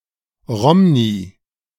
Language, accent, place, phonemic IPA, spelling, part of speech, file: German, Germany, Berlin, /ˈrɔmni/, Romni, noun, De-Romni.ogg
- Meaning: female equivalent of Rom